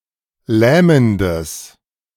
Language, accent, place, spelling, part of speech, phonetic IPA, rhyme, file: German, Germany, Berlin, lähmendes, adjective, [ˈlɛːməndəs], -ɛːməndəs, De-lähmendes.ogg
- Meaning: strong/mixed nominative/accusative neuter singular of lähmend